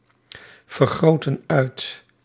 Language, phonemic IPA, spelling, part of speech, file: Dutch, /vərˌɣroːtə(n)ˈœy̯t/, vergroten uit, verb, Nl-vergroten uit.ogg
- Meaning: inflection of uitvergroten: 1. plural present indicative 2. plural present subjunctive